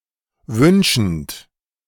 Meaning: present participle of wünschen
- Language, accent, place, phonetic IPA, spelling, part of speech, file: German, Germany, Berlin, [ˈvʏnʃn̩t], wünschend, verb, De-wünschend.ogg